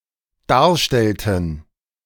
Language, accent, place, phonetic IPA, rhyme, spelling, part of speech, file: German, Germany, Berlin, [ˈdaːɐ̯ˌʃtɛltn̩], -aːɐ̯ʃtɛltn̩, darstellten, verb, De-darstellten.ogg
- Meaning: inflection of darstellen: 1. first/third-person plural dependent preterite 2. first/third-person plural dependent subjunctive II